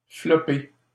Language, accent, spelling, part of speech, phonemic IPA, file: French, Canada, flopée, noun, /flɔ.pe/, LL-Q150 (fra)-flopée.wav
- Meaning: ton, shedload (large amount)